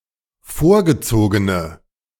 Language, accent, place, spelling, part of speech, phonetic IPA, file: German, Germany, Berlin, vorgezogene, adjective, [ˈfoːɐ̯ɡəˌt͡soːɡənə], De-vorgezogene.ogg
- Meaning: inflection of vorgezogen: 1. strong/mixed nominative/accusative feminine singular 2. strong nominative/accusative plural 3. weak nominative all-gender singular